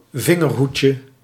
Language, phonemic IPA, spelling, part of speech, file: Dutch, /ˈvɪŋɛrˌhucə/, vingerhoedje, noun, Nl-vingerhoedje.ogg
- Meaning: 1. diminutive of vingerhoed 2. thimble fungus, bell morel